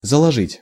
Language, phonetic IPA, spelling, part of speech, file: Russian, [zəɫɐˈʐɨtʲ], заложить, verb, Ru-заложить.ogg
- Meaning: 1. to put, to lay, to place 2. to lay the foundation (of), to lay 3. to heap (with), to pile (with), to block up (with) 4. to pawn, to pledge, to mortgage